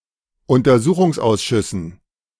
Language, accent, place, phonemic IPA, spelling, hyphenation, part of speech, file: German, Germany, Berlin, /ʊntɐˈzuːχʊŋsˌʔaʊ̯sʃʏsn̩/, Untersuchungsausschüssen, Un‧ter‧su‧chungs‧aus‧schüs‧sen, noun, De-Untersuchungsausschüssen.ogg
- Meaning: dative plural of Untersuchungsausschuss